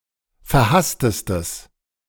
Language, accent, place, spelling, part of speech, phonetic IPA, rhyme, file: German, Germany, Berlin, verhasstestes, adjective, [fɛɐ̯ˈhastəstəs], -astəstəs, De-verhasstestes.ogg
- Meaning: strong/mixed nominative/accusative neuter singular superlative degree of verhasst